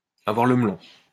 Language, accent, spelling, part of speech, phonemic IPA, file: French, France, avoir le melon, verb, /a.vwaʁ lə m(ə).lɔ̃/, LL-Q150 (fra)-avoir le melon.wav
- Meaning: to be cocksure